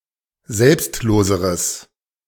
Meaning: strong/mixed nominative/accusative neuter singular comparative degree of selbstlos
- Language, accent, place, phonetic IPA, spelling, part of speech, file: German, Germany, Berlin, [ˈzɛlpstˌloːzəʁəs], selbstloseres, adjective, De-selbstloseres.ogg